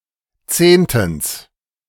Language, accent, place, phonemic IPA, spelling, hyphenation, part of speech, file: German, Germany, Berlin, /ˈt͡seːntn̩s/, zehntens, zehn‧tens, adverb, De-zehntens.ogg
- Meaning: tenthly